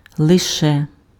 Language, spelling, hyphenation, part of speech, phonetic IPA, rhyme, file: Ukrainian, лише, ли‧ше, adverb, [ɫeˈʃɛ], -ɛ, Uk-лише.ogg
- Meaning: only, merely, just